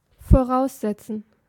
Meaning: 1. to presuppose or assume 2. to require as a precondition
- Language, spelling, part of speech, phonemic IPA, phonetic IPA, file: German, voraussetzen, verb, /foˈʁaʊ̯sˌzɛtsən/, [foˈʁaʊ̯sˌzɛtsn̩], De-voraussetzen.ogg